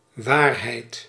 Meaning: truth
- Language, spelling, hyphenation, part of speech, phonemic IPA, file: Dutch, waarheid, waar‧heid, noun, /ˈʋaːr.ɦɛi̯t/, Nl-waarheid.ogg